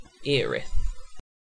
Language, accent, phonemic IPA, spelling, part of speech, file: English, UK, /ˈiːɹɪθ/, Erith, proper noun, En-uk-Erith.ogg
- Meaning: A riverside town in the borough of Bexley, Greater London